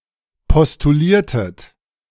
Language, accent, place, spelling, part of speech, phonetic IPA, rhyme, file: German, Germany, Berlin, postuliertet, verb, [pɔstuˈliːɐ̯tət], -iːɐ̯tət, De-postuliertet.ogg
- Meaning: inflection of postulieren: 1. second-person plural preterite 2. second-person plural subjunctive II